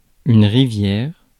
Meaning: a river (a large, winding stream that flows into a lake, bay, larger river, etc., but not into an ocean or sea)
- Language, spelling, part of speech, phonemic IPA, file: French, rivière, noun, /ʁi.vjɛʁ/, Fr-rivière.ogg